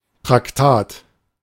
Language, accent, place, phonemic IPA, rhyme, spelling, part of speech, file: German, Germany, Berlin, /tʁakˈtaːt/, -aːt, Traktat, noun, De-Traktat.ogg
- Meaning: 1. tract (brief scientific treatise) 2. tract, pamphlet (short text of religious or ideological content)